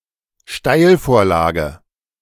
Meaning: 1. through ball, through pass (forward pass played between opposition defenders) 2. pretext, opportunity (for an attack)
- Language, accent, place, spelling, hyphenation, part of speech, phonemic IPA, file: German, Germany, Berlin, Steilvorlage, Steil‧vor‧la‧ge, noun, /ˈʃtaɪ̯lfoːɐ̯ˌlaːɡə/, De-Steilvorlage.ogg